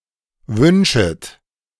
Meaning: second-person plural subjunctive I of wünschen
- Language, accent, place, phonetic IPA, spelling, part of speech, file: German, Germany, Berlin, [ˈvʏnʃət], wünschet, verb, De-wünschet.ogg